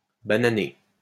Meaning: to make a mistake
- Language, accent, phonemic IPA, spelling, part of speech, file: French, France, /ba.na.ne/, bananer, verb, LL-Q150 (fra)-bananer.wav